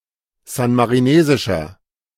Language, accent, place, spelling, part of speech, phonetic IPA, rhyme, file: German, Germany, Berlin, san-marinesischer, adjective, [ˌzanmaʁiˈneːzɪʃɐ], -eːzɪʃɐ, De-san-marinesischer.ogg
- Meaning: inflection of san-marinesisch: 1. strong/mixed nominative masculine singular 2. strong genitive/dative feminine singular 3. strong genitive plural